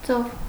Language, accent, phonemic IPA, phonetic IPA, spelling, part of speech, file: Armenian, Eastern Armenian, /t͡sov/, [t͡sov], ծով, noun, Hy-ծով.ogg
- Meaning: 1. sea 2. big lake 3. large artificial body of water 4. the area covered with water, as opposed to land 5. a large quantity, a sea (of), an ocean (of)